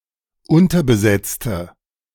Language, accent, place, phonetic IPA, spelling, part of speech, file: German, Germany, Berlin, [ˈʊntɐbəˌzɛt͡stə], unterbesetzte, adjective / verb, De-unterbesetzte.ogg
- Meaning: inflection of unterbesetzt: 1. strong/mixed nominative/accusative feminine singular 2. strong nominative/accusative plural 3. weak nominative all-gender singular